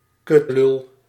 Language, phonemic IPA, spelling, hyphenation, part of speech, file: Dutch, /ˈkʏt.lʏl/, kutlul, kut‧lul, noun, Nl-kutlul.ogg
- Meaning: an objectionable person, a prick, a cunt